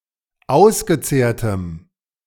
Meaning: strong dative masculine/neuter singular of ausgezehrt
- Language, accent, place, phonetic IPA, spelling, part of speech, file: German, Germany, Berlin, [ˈaʊ̯sɡəˌt͡seːɐ̯təm], ausgezehrtem, adjective, De-ausgezehrtem.ogg